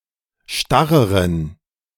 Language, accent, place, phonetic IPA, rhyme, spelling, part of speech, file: German, Germany, Berlin, [ˈʃtaʁəʁən], -aʁəʁən, starreren, adjective, De-starreren.ogg
- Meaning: inflection of starr: 1. strong genitive masculine/neuter singular comparative degree 2. weak/mixed genitive/dative all-gender singular comparative degree